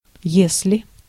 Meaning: if, in case
- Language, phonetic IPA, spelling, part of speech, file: Russian, [ˈjes⁽ʲ⁾lʲɪ], если, conjunction, Ru-если.ogg